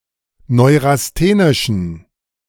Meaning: inflection of neurasthenisch: 1. strong genitive masculine/neuter singular 2. weak/mixed genitive/dative all-gender singular 3. strong/weak/mixed accusative masculine singular 4. strong dative plural
- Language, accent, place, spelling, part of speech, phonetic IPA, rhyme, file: German, Germany, Berlin, neurasthenischen, adjective, [ˌnɔɪ̯ʁasˈteːnɪʃn̩], -eːnɪʃn̩, De-neurasthenischen.ogg